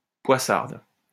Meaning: feminine singular of poissard
- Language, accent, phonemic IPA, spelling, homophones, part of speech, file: French, France, /pwa.saʁd/, poissarde, poissardes, adjective, LL-Q150 (fra)-poissarde.wav